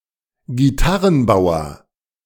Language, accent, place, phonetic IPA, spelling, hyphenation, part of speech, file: German, Germany, Berlin, [ɡiˈtaʁənˌbaʊ̯ɐ], Gitarrenbauer, Gi‧tar‧ren‧bau‧er, noun, De-Gitarrenbauer.ogg
- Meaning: luthier, guitar maker